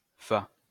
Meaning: Fa (a village and former commune in the Aude department, Occitania, France)
- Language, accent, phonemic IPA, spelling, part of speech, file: French, France, /fa/, Fa, proper noun, LL-Q150 (fra)-Fa.wav